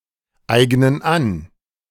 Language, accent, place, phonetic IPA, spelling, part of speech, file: German, Germany, Berlin, [ˌaɪ̯ɡnən ˈan], eignen an, verb, De-eignen an.ogg
- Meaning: inflection of aneignen: 1. first/third-person plural present 2. first/third-person plural subjunctive I